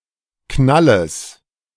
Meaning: genitive singular of Knall
- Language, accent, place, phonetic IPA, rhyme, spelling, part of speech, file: German, Germany, Berlin, [ˈknaləs], -aləs, Knalles, noun, De-Knalles.ogg